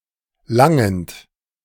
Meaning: present participle of langen
- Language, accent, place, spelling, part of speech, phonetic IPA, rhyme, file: German, Germany, Berlin, langend, verb, [ˈlaŋənt], -aŋənt, De-langend.ogg